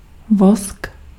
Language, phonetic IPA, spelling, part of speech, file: Czech, [ˈvosk], vosk, noun, Cs-vosk.ogg
- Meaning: wax